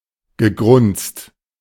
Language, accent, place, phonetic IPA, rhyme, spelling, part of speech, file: German, Germany, Berlin, [ɡəˈɡʁʊnt͡st], -ʊnt͡st, gegrunzt, verb, De-gegrunzt.ogg
- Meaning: past participle of grunzen